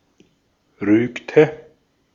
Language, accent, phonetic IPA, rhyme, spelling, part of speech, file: German, Austria, [ˈʁyːktə], -yːktə, rügte, verb, De-at-rügte.ogg
- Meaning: inflection of rügen: 1. first/third-person singular preterite 2. first/third-person singular subjunctive II